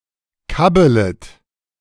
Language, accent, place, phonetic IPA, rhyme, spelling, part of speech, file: German, Germany, Berlin, [ˈkabələt], -abələt, kabbelet, verb, De-kabbelet.ogg
- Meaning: second-person plural subjunctive I of kabbeln